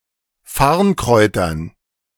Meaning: dative plural of Farnkraut
- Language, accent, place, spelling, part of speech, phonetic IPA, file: German, Germany, Berlin, Farnkräutern, noun, [ˈfaʁnˌkʁɔɪ̯tɐn], De-Farnkräutern.ogg